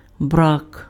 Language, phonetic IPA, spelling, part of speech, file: Ukrainian, [brak], брак, noun, Uk-брак.ogg
- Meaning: 1. lack, scarcity 2. defect